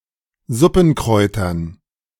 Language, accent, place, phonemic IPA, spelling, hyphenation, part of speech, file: German, Germany, Berlin, /ˈzʊpn̩ˌkʀɔɪ̯tɐn̩/, Suppenkräutern, Sup‧pen‧kräu‧tern, noun, De-Suppenkräutern.ogg
- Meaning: dative plural of Suppenkraut